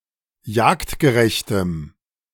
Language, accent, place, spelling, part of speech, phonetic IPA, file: German, Germany, Berlin, jagdgerechtem, adjective, [ˈjaːktɡəˌʁɛçtəm], De-jagdgerechtem.ogg
- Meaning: strong dative masculine/neuter singular of jagdgerecht